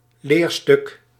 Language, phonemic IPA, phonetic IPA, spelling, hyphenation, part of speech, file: Dutch, /ˈleːr.stʏk/, [ˈlɪːr.stʏk], leerstuk, leer‧stuk, noun, Nl-leerstuk.ogg
- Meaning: doctrine, dogma